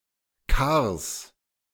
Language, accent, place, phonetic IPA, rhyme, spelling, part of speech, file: German, Germany, Berlin, [kaːɐ̯s], -aːɐ̯s, Kars, noun, De-Kars.ogg
- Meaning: genitive singular of Kar